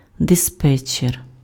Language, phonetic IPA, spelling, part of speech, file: Ukrainian, [deˈspɛt͡ʃːer], диспетчер, noun, Uk-диспетчер.ogg
- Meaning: dispatcher, controller, traffic superintendent